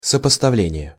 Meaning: 1. comparison, contrasting 2. juxtaposition 3. collation, matching
- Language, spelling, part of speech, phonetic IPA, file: Russian, сопоставление, noun, [səpəstɐˈvlʲenʲɪje], Ru-сопоставление.ogg